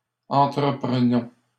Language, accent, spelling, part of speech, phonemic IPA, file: French, Canada, entreprenons, verb, /ɑ̃.tʁə.pʁə.nɔ̃/, LL-Q150 (fra)-entreprenons.wav
- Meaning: inflection of entreprendre: 1. first-person plural present indicative 2. first-person plural imperative